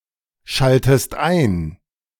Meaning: inflection of einschalten: 1. second-person singular present 2. second-person singular subjunctive I
- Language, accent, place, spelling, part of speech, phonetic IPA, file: German, Germany, Berlin, schaltest ein, verb, [ˌʃaltəst ˈaɪ̯n], De-schaltest ein.ogg